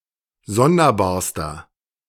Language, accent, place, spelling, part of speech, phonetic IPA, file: German, Germany, Berlin, sonderbarster, adjective, [ˈzɔndɐˌbaːɐ̯stɐ], De-sonderbarster.ogg
- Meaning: inflection of sonderbar: 1. strong/mixed nominative masculine singular superlative degree 2. strong genitive/dative feminine singular superlative degree 3. strong genitive plural superlative degree